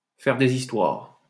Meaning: to kick up a fuss, to make a fuss
- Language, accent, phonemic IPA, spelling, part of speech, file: French, France, /fɛʁ de.z‿is.twaʁ/, faire des histoires, verb, LL-Q150 (fra)-faire des histoires.wav